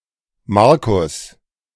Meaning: a male given name, a less common variant of Markus
- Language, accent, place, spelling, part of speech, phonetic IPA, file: German, Germany, Berlin, Marcus, proper noun, [ˈmaʁkʊs], De-Marcus.ogg